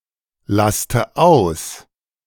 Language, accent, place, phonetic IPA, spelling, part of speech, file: German, Germany, Berlin, [ˌlastə ˈaʊ̯s], laste aus, verb, De-laste aus.ogg
- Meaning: inflection of auslasten: 1. first-person singular present 2. first/third-person singular subjunctive I 3. singular imperative